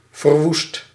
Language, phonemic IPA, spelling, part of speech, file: Dutch, /vərˈwust/, verwoest, verb / adjective, Nl-verwoest.ogg
- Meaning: 1. inflection of verwoesten: first/second/third-person singular present indicative 2. inflection of verwoesten: imperative 3. past participle of verwoesten